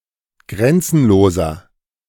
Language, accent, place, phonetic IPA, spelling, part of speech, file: German, Germany, Berlin, [ˈɡʁɛnt͡sn̩loːzɐ], grenzenloser, adjective, De-grenzenloser.ogg
- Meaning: inflection of grenzenlos: 1. strong/mixed nominative masculine singular 2. strong genitive/dative feminine singular 3. strong genitive plural